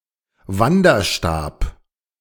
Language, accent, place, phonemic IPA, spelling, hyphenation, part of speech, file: German, Germany, Berlin, /ˈvandɐˌʃtaːp/, Wanderstab, Wan‧der‧stab, noun, De-Wanderstab.ogg
- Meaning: trekking pole